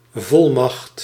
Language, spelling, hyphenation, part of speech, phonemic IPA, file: Dutch, volmacht, vol‧macht, noun, /ˈvɔl.mɑxt/, Nl-volmacht.ogg
- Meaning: 1. plenipotence, full authority or power 2. power of attorney, proxy